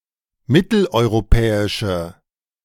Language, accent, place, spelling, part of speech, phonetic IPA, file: German, Germany, Berlin, mitteleuropäische, adjective, [ˈmɪtl̩ʔɔɪ̯ʁoˌpɛːɪʃə], De-mitteleuropäische.ogg
- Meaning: inflection of mitteleuropäisch: 1. strong/mixed nominative/accusative feminine singular 2. strong nominative/accusative plural 3. weak nominative all-gender singular